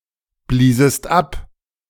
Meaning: second-person singular preterite of abblasen
- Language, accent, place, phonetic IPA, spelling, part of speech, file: German, Germany, Berlin, [ˌbliːzəst ˈap], bliesest ab, verb, De-bliesest ab.ogg